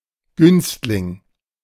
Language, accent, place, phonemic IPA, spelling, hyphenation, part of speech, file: German, Germany, Berlin, /ˈɡʏnstlɪŋ/, Günstling, Günst‧ling, noun, De-Günstling.ogg
- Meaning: protégé